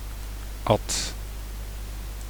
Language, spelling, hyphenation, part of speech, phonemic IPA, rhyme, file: Dutch, Ad, Ad, proper noun, /ɑt/, -ɑt, Nl-Ad.ogg
- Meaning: a diminutive of the male given name Adriaan or formerly of Adolf